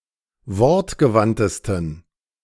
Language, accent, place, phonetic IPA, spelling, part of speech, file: German, Germany, Berlin, [ˈvɔʁtɡəˌvantəstn̩], wortgewandtesten, adjective, De-wortgewandtesten.ogg
- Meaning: 1. superlative degree of wortgewandt 2. inflection of wortgewandt: strong genitive masculine/neuter singular superlative degree